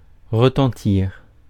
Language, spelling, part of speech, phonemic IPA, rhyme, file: French, retentir, verb, /ʁə.tɑ̃.tiʁ/, -iʁ, Fr-retentir.ogg
- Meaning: 1. to ring, to ring out 2. to have a strong effect